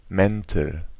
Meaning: nominative/accusative/genitive plural of Mantel
- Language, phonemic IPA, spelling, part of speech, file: German, /ˈmɛntl̩/, Mäntel, noun, De-Mäntel.ogg